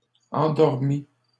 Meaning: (adjective) feminine singular of endormi
- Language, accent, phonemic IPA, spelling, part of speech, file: French, Canada, /ɑ̃.dɔʁ.mi/, endormie, adjective / verb, LL-Q150 (fra)-endormie.wav